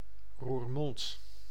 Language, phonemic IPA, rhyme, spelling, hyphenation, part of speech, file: Dutch, /ruːrˈmɔnt/, -ɔnt, Roermond, Roer‧mond, proper noun, Nl-Roermond.ogg
- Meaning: Roermond (a city and municipality of Limburg, Netherlands)